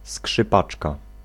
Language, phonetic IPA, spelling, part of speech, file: Polish, [skʃɨˈpat͡ʃka], skrzypaczka, noun, Pl-skrzypaczka.ogg